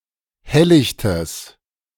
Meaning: strong/mixed nominative/accusative neuter singular of helllicht
- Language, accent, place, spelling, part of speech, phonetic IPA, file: German, Germany, Berlin, helllichtes, adjective, [ˈhɛllɪçtəs], De-helllichtes.ogg